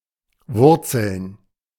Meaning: to be rooted
- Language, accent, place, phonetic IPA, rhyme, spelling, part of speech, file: German, Germany, Berlin, [ˈvʊʁt͡sl̩n], -ʊʁt͡sl̩n, wurzeln, verb, De-wurzeln.ogg